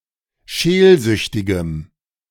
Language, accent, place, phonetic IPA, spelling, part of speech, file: German, Germany, Berlin, [ˈʃeːlˌzʏçtɪɡəm], scheelsüchtigem, adjective, De-scheelsüchtigem.ogg
- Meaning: strong dative masculine/neuter singular of scheelsüchtig